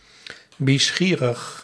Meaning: bi-curious
- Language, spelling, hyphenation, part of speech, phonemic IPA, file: Dutch, bischierig, bi‧schie‧rig, adjective, /ˌbiˈsxiː.rəx/, Nl-bischierig.ogg